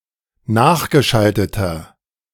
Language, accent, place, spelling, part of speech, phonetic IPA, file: German, Germany, Berlin, nachgeschalteter, adjective, [ˈnaːxɡəˌʃaltətɐ], De-nachgeschalteter.ogg
- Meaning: inflection of nachgeschaltet: 1. strong/mixed nominative masculine singular 2. strong genitive/dative feminine singular 3. strong genitive plural